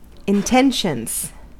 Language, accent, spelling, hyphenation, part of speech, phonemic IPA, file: English, US, intentions, in‧ten‧tions, noun, /ɪnˈtɛnʃənz/, En-us-intentions.ogg
- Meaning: 1. plural of intention 2. Desire to court, marry, date, woo or sleep with someone